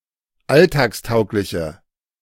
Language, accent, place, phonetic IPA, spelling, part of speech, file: German, Germany, Berlin, [ˈaltaːksˌtaʊ̯klɪçə], alltagstaugliche, adjective, De-alltagstaugliche.ogg
- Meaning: inflection of alltagstauglich: 1. strong/mixed nominative/accusative feminine singular 2. strong nominative/accusative plural 3. weak nominative all-gender singular